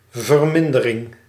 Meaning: reduction, abatement, decrease, diminishment, lessening
- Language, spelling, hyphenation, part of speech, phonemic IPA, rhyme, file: Dutch, vermindering, ver‧min‧de‧ring, noun, /vərˈmɪn.də.rɪŋ/, -ɪndərɪŋ, Nl-vermindering.ogg